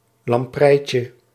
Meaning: diminutive of lamprei
- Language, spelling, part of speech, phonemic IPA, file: Dutch, lampreitje, noun, /lɑmˈprɛicə/, Nl-lampreitje.ogg